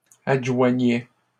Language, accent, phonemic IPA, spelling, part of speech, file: French, Canada, /ad.ʒwa.ɲɛ/, adjoignait, verb, LL-Q150 (fra)-adjoignait.wav
- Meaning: third-person singular imperfect indicative of adjoindre